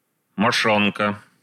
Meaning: scrotum
- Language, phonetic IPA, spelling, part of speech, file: Russian, [mɐˈʂonkə], мошонка, noun, Ru-мошонка.ogg